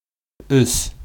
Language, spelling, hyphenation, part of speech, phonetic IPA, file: Bashkir, өс, өс, numeral, [ʏ̞s], Ba-өс.ogg
- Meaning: three